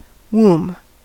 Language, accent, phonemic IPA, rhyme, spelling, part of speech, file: English, US, /wuːm/, -uːm, womb, noun / verb, En-us-womb.ogg
- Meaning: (noun) 1. In female mammals, the organ in which the young are conceived and grow until birth; the uterus 2. The abdomen or stomach 3. The stomach of a person or creature